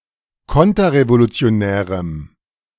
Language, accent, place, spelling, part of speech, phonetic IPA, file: German, Germany, Berlin, konterrevolutionärem, adjective, [ˈkɔntɐʁevolut͡si̯oˌnɛːʁəm], De-konterrevolutionärem.ogg
- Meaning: strong dative masculine/neuter singular of konterrevolutionär